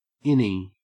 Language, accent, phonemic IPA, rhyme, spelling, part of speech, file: English, Australia, /ˈɪni/, -ɪni, innie, noun, En-au-innie.ogg
- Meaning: Anything concave; especially: 1. A navel that is formed of a hollow in the abdomen (as opposed to one that protrudes from the abdomen) 2. A vulva with inner labia minora